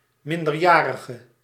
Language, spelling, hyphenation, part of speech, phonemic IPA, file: Dutch, minderjarige, min‧der‧ja‧ri‧ge, noun / adjective, /ˌmɪn.dərˈjaː.rə.ɣə/, Nl-minderjarige.ogg
- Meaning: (noun) minor, underage person; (adjective) inflection of minderjarig: 1. masculine/feminine singular attributive 2. definite neuter singular attributive 3. plural attributive